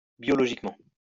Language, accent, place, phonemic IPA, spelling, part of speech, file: French, France, Lyon, /bjɔ.lɔ.ʒik.mɑ̃/, biologiquement, adverb, LL-Q150 (fra)-biologiquement.wav
- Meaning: biologically